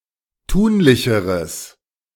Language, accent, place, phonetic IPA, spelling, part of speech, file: German, Germany, Berlin, [ˈtuːnlɪçəʁəs], tunlicheres, adjective, De-tunlicheres.ogg
- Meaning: strong/mixed nominative/accusative neuter singular comparative degree of tunlich